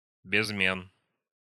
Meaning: 1. stilyard 2. a weight measure, 2+¹⁄₂ фу́нта (fúnta) – 1.022 kg
- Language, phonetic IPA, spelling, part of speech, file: Russian, [bʲɪzˈmʲen], безмен, noun, Ru-безмен.ogg